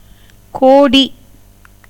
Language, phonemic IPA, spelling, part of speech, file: Tamil, /koːɖiː/, கோடி, noun / numeral / adverb, Ta-கோடி.ogg
- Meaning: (noun) 1. end, tip, point 2. cape, headland, promontory 3. nook, corner 4. backside or backyard of a house 5. edge (as of a veranda, bead (as in carpentry) 6. rear of an army 7. limit, bounds